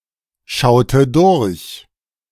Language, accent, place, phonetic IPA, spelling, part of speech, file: German, Germany, Berlin, [ˌʃaʊ̯tə ˈdʊʁç], schaute durch, verb, De-schaute durch.ogg
- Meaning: inflection of durchschauen: 1. first/third-person singular preterite 2. first/third-person singular subjunctive II